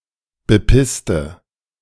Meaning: inflection of bepissen: 1. first/third-person singular preterite 2. first/third-person singular subjunctive II
- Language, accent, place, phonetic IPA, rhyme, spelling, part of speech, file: German, Germany, Berlin, [bəˈpɪstə], -ɪstə, bepisste, adjective / verb, De-bepisste.ogg